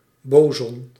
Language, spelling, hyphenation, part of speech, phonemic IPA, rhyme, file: Dutch, boson, bo‧son, noun, /ˈboː.zɔn/, -oːzɔn, Nl-boson.ogg
- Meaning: boson